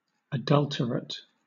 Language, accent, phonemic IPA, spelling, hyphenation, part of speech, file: English, Southern England, /əˈdʌltəɹət/, adulterate, adul‧ter‧ate, adjective, LL-Q1860 (eng)-adulterate.wav
- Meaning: 1. Corrupted or made impure by being mixed with something else; adulterated 2. Tending to commit adultery; relating to or being the product of adultery; adulterous